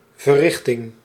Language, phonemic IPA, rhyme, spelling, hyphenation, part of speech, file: Dutch, /vəˈrɪx.tɪŋ/, -ɪxtɪŋ, verrichting, ver‧rich‧ting, noun, Nl-verrichting.ogg
- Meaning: 1. action, deed, something that has been done 2. achievement, accomplishment